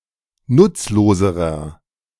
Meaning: inflection of nutzlos: 1. strong/mixed nominative masculine singular comparative degree 2. strong genitive/dative feminine singular comparative degree 3. strong genitive plural comparative degree
- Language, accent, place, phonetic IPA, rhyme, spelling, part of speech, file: German, Germany, Berlin, [ˈnʊt͡sloːzəʁɐ], -ʊt͡sloːzəʁɐ, nutzloserer, adjective, De-nutzloserer.ogg